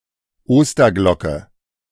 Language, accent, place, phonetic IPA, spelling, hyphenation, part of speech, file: German, Germany, Berlin, [ˈoːstɐˌɡlɔkə], Osterglocke, Oster‧glo‧cke, noun, De-Osterglocke.ogg
- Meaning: wild daffodil, Lent lily (Narcissus pseudonarcissus)